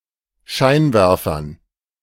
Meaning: dative plural of Scheinwerfer
- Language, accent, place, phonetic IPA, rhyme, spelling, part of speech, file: German, Germany, Berlin, [ˈʃaɪ̯nˌvɛʁfɐn], -aɪ̯nvɛʁfɐn, Scheinwerfern, noun, De-Scheinwerfern.ogg